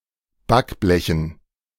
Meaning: dative plural of Backblech
- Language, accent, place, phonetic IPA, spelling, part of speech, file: German, Germany, Berlin, [ˈbakˌblɛçn̩], Backblechen, noun, De-Backblechen.ogg